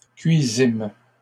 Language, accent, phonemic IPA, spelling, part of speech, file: French, Canada, /kɥi.zim/, cuisîmes, verb, LL-Q150 (fra)-cuisîmes.wav
- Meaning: first-person plural past historic of cuire